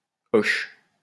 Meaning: 1. Used to form nouns or adjectives 2. Used to form nouns from verbs
- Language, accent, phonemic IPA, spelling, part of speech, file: French, France, /ɔʃ/, -oche, suffix, LL-Q150 (fra)--oche.wav